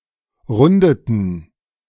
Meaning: inflection of runden: 1. first/third-person plural preterite 2. first/third-person plural subjunctive II
- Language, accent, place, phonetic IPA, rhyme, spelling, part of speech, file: German, Germany, Berlin, [ˈʁʊndətn̩], -ʊndətn̩, rundeten, verb, De-rundeten.ogg